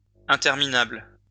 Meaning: plural of interminable
- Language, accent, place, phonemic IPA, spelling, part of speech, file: French, France, Lyon, /ɛ̃.tɛʁ.mi.nabl/, interminables, adjective, LL-Q150 (fra)-interminables.wav